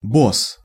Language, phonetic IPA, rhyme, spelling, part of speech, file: Russian, [bos], -os, босс, noun, Ru-босс.ogg
- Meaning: boss